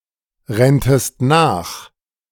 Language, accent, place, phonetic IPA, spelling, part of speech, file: German, Germany, Berlin, [ˌʁɛntəst ˈnaːx], renntest nach, verb, De-renntest nach.ogg
- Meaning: second-person singular subjunctive II of nachrennen